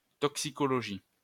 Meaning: toxicology
- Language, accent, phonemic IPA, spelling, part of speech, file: French, France, /tɔk.si.kɔ.lɔ.ʒi/, toxicologie, noun, LL-Q150 (fra)-toxicologie.wav